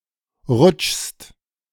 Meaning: second-person singular present of rutschen
- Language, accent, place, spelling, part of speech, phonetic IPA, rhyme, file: German, Germany, Berlin, rutschst, verb, [ʁʊt͡ʃst], -ʊt͡ʃst, De-rutschst.ogg